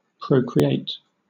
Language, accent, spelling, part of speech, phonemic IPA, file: English, Southern England, procreate, verb / adjective / noun, /ˌpɹəʊkɹiˈeɪt/, LL-Q1860 (eng)-procreate.wav
- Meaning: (verb) 1. To beget or conceive (offsprings) 2. To originate, create or produce 3. To reproduce; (adjective) Procreated, begotten; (noun) The produce of money, interest